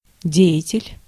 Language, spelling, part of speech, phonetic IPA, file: Russian, деятель, noun, [ˈdʲe(j)ɪtʲɪlʲ], Ru-деятель.ogg
- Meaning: 1. doer, actor, agent (one who acts; a doer) 2. figure, personality